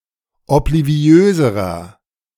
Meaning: inflection of obliviös: 1. strong/mixed nominative masculine singular comparative degree 2. strong genitive/dative feminine singular comparative degree 3. strong genitive plural comparative degree
- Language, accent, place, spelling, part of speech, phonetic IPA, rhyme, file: German, Germany, Berlin, obliviöserer, adjective, [ɔpliˈvi̯øːzəʁɐ], -øːzəʁɐ, De-obliviöserer.ogg